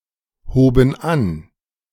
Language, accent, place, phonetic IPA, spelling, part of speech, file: German, Germany, Berlin, [ˌhoːbn̩ ˈan], hoben an, verb, De-hoben an.ogg
- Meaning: first/third-person plural preterite of anheben